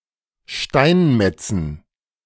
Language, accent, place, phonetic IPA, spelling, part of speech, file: German, Germany, Berlin, [ˈʃtaɪ̯nˌmɛt͡sn̩], Steinmetzen, noun, De-Steinmetzen.ogg
- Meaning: dative plural of Steinmetz